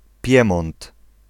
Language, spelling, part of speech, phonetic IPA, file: Polish, Piemont, proper noun, [ˈpʲjɛ̃mɔ̃nt], Pl-Piemont.ogg